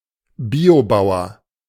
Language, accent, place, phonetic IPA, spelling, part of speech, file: German, Germany, Berlin, [ˈbiːoˌbaʊ̯ɐ], Biobauer, noun, De-Biobauer.ogg
- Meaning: a farmer that practices ecologically sustainable agriculture